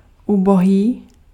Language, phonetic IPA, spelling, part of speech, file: Czech, [ˈuboɦiː], ubohý, adjective, Cs-ubohý.ogg
- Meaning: poor, wretched, miserable